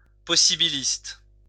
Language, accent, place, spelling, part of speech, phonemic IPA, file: French, France, Lyon, possibiliste, adjective / noun, /pɔ.si.bi.list/, LL-Q150 (fra)-possibiliste.wav
- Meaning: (adjective) possibilist